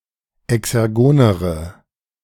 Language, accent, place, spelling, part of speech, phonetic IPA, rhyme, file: German, Germany, Berlin, exergonere, adjective, [ɛksɛʁˈɡoːnəʁə], -oːnəʁə, De-exergonere.ogg
- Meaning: inflection of exergon: 1. strong/mixed nominative/accusative feminine singular comparative degree 2. strong nominative/accusative plural comparative degree